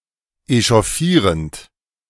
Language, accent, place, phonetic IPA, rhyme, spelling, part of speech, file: German, Germany, Berlin, [eʃɔˈfiːʁənt], -iːʁənt, echauffierend, verb, De-echauffierend.ogg
- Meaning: present participle of echauffieren